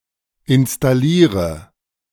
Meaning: inflection of installieren: 1. first-person singular present 2. first/third-person singular subjunctive I 3. singular imperative
- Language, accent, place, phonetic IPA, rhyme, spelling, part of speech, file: German, Germany, Berlin, [ɪnstaˈliːʁə], -iːʁə, installiere, verb, De-installiere.ogg